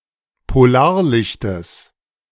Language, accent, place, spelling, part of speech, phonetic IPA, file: German, Germany, Berlin, Polarlichtes, noun, [poˈlaːɐ̯ˌlɪçtəs], De-Polarlichtes.ogg
- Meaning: genitive of Polarlicht